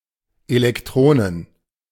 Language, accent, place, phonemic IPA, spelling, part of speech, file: German, Germany, Berlin, /elɛkˈtʁoːnən/, Elektronen, noun, De-Elektronen.ogg
- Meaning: plural of Elektron